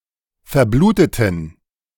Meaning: inflection of verbluten: 1. first/third-person plural preterite 2. first/third-person plural subjunctive II
- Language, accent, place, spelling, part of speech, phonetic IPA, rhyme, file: German, Germany, Berlin, verbluteten, adjective / verb, [fɛɐ̯ˈbluːtətn̩], -uːtətn̩, De-verbluteten.ogg